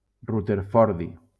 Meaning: rutherfordium
- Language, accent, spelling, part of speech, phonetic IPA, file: Catalan, Valencia, rutherfordi, noun, [ru.teɾˈfɔɾ.ði], LL-Q7026 (cat)-rutherfordi.wav